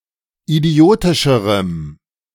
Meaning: strong dative masculine/neuter singular comparative degree of idiotisch
- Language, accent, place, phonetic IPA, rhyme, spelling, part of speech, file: German, Germany, Berlin, [iˈdi̯oːtɪʃəʁəm], -oːtɪʃəʁəm, idiotischerem, adjective, De-idiotischerem.ogg